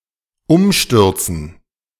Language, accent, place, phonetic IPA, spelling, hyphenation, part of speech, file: German, Germany, Berlin, [ˈʊmˌʃtʏʁt͡sn̩], Umstürzen, Um‧stür‧zen, noun, De-Umstürzen.ogg
- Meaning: 1. gerund of umstürzen 2. dative plural of Umsturz